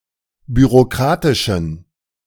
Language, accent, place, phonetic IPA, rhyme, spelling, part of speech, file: German, Germany, Berlin, [byʁoˈkʁaːtɪʃn̩], -aːtɪʃn̩, bürokratischen, adjective, De-bürokratischen.ogg
- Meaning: inflection of bürokratisch: 1. strong genitive masculine/neuter singular 2. weak/mixed genitive/dative all-gender singular 3. strong/weak/mixed accusative masculine singular 4. strong dative plural